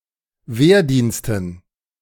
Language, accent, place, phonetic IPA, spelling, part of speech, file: German, Germany, Berlin, [ˈveːɐ̯ˌdiːnstn̩], Wehrdiensten, noun, De-Wehrdiensten.ogg
- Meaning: dative plural of Wehrdienst